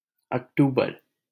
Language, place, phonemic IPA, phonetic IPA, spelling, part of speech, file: Hindi, Delhi, /ək.ʈuː.bəɾ/, [ɐk.ʈuː.bɐɾ], अक्टूबर, noun, LL-Q1568 (hin)-अक्टूबर.wav
- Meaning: October